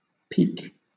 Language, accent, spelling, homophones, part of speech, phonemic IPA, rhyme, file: English, Southern England, peak, peek / peke / pique, noun / verb / adjective, /piːk/, -iːk, LL-Q1860 (eng)-peak.wav
- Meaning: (noun) 1. A point; the sharp end or top of anything that terminates in a point; as, the peak, or front, of a cap 2. The highest value reached by some quantity in a time period